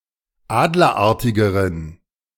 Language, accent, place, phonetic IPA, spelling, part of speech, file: German, Germany, Berlin, [ˈaːdlɐˌʔaʁtɪɡəʁən], adlerartigeren, adjective, De-adlerartigeren.ogg
- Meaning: inflection of adlerartig: 1. strong genitive masculine/neuter singular comparative degree 2. weak/mixed genitive/dative all-gender singular comparative degree